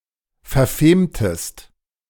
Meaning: inflection of verfemen: 1. second-person singular preterite 2. second-person singular subjunctive II
- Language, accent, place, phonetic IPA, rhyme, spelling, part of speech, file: German, Germany, Berlin, [fɛɐ̯ˈfeːmtəst], -eːmtəst, verfemtest, verb, De-verfemtest.ogg